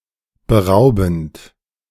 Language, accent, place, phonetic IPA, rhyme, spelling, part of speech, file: German, Germany, Berlin, [bəˈʁaʊ̯bn̩t], -aʊ̯bn̩t, beraubend, verb, De-beraubend.ogg
- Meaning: present participle of berauben